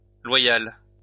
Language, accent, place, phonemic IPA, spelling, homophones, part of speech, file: French, France, Lyon, /lwa.jal/, loyales, loyal / loyale, adjective, LL-Q150 (fra)-loyales.wav
- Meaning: feminine plural of loyal